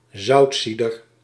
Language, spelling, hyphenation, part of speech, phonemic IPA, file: Dutch, zoutzieder, zout‧zie‧der, noun, /ˈzɑu̯tˌsi.dər/, Nl-zoutzieder.ogg
- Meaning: one who refines salt by boiling